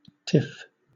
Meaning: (noun) 1. A (generally small) argument or disagreement; a petty quarrel, a spat 2. A brief outburst or period of bad temper; a snit; also (rare) any brief outburst (for example, of laughter)
- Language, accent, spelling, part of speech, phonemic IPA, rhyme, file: English, Southern England, tiff, noun / verb, /tɪf/, -ɪf, LL-Q1860 (eng)-tiff.wav